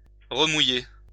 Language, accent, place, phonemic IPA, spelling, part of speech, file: French, France, Lyon, /ʁə.mu.je/, remouiller, verb, LL-Q150 (fra)-remouiller.wav
- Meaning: 1. to rewet (wet again) 2. to recast (an anchor)